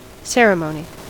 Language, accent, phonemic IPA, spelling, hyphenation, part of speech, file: English, US, /ˈsɛɹ.əˌmoʊ.ni/, ceremony, cer‧e‧mo‧ny, noun, En-us-ceremony.ogg
- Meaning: 1. A ritual, with religious or cultural significance 2. An official gathering to celebrate, commemorate, or otherwise mark some event